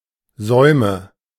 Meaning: nominative/accusative/genitive plural of Saum
- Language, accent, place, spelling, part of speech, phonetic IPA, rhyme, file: German, Germany, Berlin, Säume, noun, [ˈzɔɪ̯mə], -ɔɪ̯mə, De-Säume.ogg